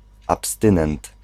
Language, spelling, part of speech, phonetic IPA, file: Polish, abstynent, noun, [apsˈtɨ̃nɛ̃nt], Pl-abstynent.ogg